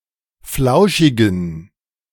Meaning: inflection of flauschig: 1. strong genitive masculine/neuter singular 2. weak/mixed genitive/dative all-gender singular 3. strong/weak/mixed accusative masculine singular 4. strong dative plural
- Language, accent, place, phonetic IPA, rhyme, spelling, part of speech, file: German, Germany, Berlin, [ˈflaʊ̯ʃɪɡn̩], -aʊ̯ʃɪɡn̩, flauschigen, adjective, De-flauschigen.ogg